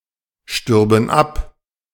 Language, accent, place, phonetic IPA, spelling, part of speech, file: German, Germany, Berlin, [ˌʃtʏʁbn̩ ˈap], stürben ab, verb, De-stürben ab.ogg
- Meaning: first/third-person plural subjunctive II of absterben